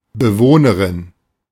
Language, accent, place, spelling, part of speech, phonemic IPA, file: German, Germany, Berlin, Bewohnerin, noun, /bəˈvoːnəʁɪn/, De-Bewohnerin.ogg
- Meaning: female equivalent of Bewohner